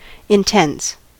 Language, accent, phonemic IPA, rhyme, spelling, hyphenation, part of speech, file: English, General American, /ɪnˈtɛns/, -ɛns, intense, in‧tense, adjective, En-us-intense.ogg
- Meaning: 1. Of a characteristic: extreme or very high or strong in degree; severe; also, excessive, towering 2. Of a thing: possessing some characteristic to an extreme or very high or strong degree